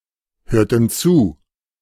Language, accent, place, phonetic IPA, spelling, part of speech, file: German, Germany, Berlin, [ˌhøːɐ̯tn̩ ˈt͡suː], hörten zu, verb, De-hörten zu.ogg
- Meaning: inflection of zuhören: 1. first/third-person plural preterite 2. first/third-person plural subjunctive II